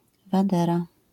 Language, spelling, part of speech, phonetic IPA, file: Polish, wadera, noun, [vaˈdɛra], LL-Q809 (pol)-wadera.wav